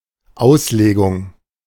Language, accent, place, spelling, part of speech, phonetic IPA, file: German, Germany, Berlin, Auslegung, noun, [ˈaʊ̯sˌleːɡʊŋ], De-Auslegung.ogg
- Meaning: 1. interpretation 2. exegesis